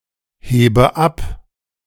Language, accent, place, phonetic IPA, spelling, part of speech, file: German, Germany, Berlin, [ˌheːbə ˈap], hebe ab, verb, De-hebe ab.ogg
- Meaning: inflection of abheben: 1. first-person singular present 2. first/third-person singular subjunctive I 3. singular imperative